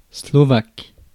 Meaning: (noun) Slovak, Slovakian, the Slovakian language; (adjective) Slovak, Slovakian
- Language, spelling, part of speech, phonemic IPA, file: French, slovaque, noun / adjective, /slɔ.vak/, Fr-slovaque.ogg